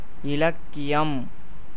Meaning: 1. literature 2. classical writing
- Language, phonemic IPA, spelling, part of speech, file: Tamil, /ɪlɐkːɪjɐm/, இலக்கியம், noun, Ta-இலக்கியம்.ogg